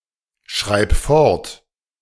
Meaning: singular imperative of fortschreiben
- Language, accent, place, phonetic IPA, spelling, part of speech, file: German, Germany, Berlin, [ˌʃʁaɪ̯p ˈfɔʁt], schreib fort, verb, De-schreib fort.ogg